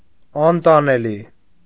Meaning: unbearable; intolerable
- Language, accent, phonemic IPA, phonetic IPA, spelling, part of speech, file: Armenian, Eastern Armenian, /ɑntɑneˈli/, [ɑntɑnelí], անտանելի, adjective, Hy-անտանելի.ogg